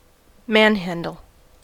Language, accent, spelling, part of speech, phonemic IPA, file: English, US, manhandle, verb, /ˈmænˌhæn.dəl/, En-us-manhandle.ogg
- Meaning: 1. To move something heavy by force of men, without aid of levers, pulleys, machine, or tackles 2. To assault or beat up a person 3. To mishandle; to handle roughly; to mangle